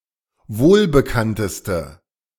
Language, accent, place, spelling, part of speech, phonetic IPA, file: German, Germany, Berlin, wohlbekannteste, adjective, [ˈvoːlbəˌkantəstə], De-wohlbekannteste.ogg
- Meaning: inflection of wohlbekannt: 1. strong/mixed nominative/accusative feminine singular superlative degree 2. strong nominative/accusative plural superlative degree